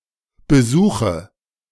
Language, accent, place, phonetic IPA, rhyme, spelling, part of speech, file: German, Germany, Berlin, [bəˈzuːxə], -uːxə, besuche, verb, De-besuche.ogg
- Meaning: inflection of besuchen: 1. first-person singular present 2. singular imperative 3. first/third-person singular subjunctive I